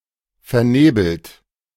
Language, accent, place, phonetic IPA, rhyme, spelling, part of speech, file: German, Germany, Berlin, [fɛɐ̯ˈneːbl̩t], -eːbl̩t, vernebelt, adjective / verb, De-vernebelt.ogg
- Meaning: past participle of vernebeln